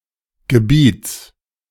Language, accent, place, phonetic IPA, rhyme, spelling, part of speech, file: German, Germany, Berlin, [ɡəˈbiːt͡s], -iːt͡s, Gebiets, noun, De-Gebiets.ogg
- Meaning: genitive singular of Gebiet